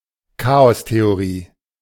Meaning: chaos theory
- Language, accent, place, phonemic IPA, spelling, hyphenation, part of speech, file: German, Germany, Berlin, /ˈkaːɔsteoˌʁiː/, Chaostheorie, Cha‧os‧the‧o‧rie, noun, De-Chaostheorie.ogg